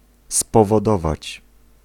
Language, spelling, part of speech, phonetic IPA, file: Polish, spowodować, verb, [ˌspɔvɔˈdɔvat͡ɕ], Pl-spowodować.ogg